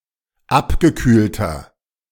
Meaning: inflection of abgekühlt: 1. strong/mixed nominative masculine singular 2. strong genitive/dative feminine singular 3. strong genitive plural
- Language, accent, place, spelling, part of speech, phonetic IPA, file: German, Germany, Berlin, abgekühlter, adjective, [ˈapɡəˌkyːltɐ], De-abgekühlter.ogg